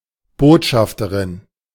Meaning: ambassador, emissary or messenger (female)
- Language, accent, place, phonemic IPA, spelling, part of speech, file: German, Germany, Berlin, /ˈboːtʃaftəʁɪn/, Botschafterin, noun, De-Botschafterin.ogg